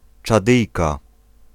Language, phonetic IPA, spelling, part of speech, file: Polish, [t͡ʃaˈdɨjka], Czadyjka, noun, Pl-Czadyjka.ogg